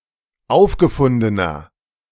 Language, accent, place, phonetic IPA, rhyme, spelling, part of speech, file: German, Germany, Berlin, [ˈaʊ̯fɡəˌfʊndənɐ], -aʊ̯fɡəfʊndənɐ, aufgefundener, adjective, De-aufgefundener.ogg
- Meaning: inflection of aufgefunden: 1. strong/mixed nominative masculine singular 2. strong genitive/dative feminine singular 3. strong genitive plural